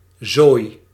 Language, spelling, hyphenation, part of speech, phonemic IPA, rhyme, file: Dutch, zooi, zooi, noun, /zoːi̯/, -oːi̯, Nl-zooi.ogg
- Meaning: 1. mess, chaos 2. things, a huge quantity of stuff 3. something boiled